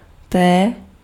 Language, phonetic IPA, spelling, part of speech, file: Czech, [ˈtɛː], té, noun / pronoun, Cs-té.ogg
- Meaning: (noun) 1. The name of the Latin script letter T/t 2. tea; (pronoun) singular feminine genitive/dative/locative of ten